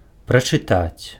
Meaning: to read
- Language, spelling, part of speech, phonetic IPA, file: Belarusian, прачытаць, verb, [prat͡ʂɨˈtat͡sʲ], Be-прачытаць.ogg